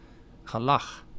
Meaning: a party, typically with revelry and excess
- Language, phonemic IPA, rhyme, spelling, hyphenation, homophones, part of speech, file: Dutch, /ɣəˈlɑx/, -ɑx, gelag, ge‧lag, gelach, noun, Nl-gelag.ogg